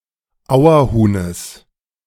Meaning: genitive singular of Auerhuhn
- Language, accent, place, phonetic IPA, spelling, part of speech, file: German, Germany, Berlin, [ˈaʊ̯ɐˌhuːnəs], Auerhuhnes, noun, De-Auerhuhnes.ogg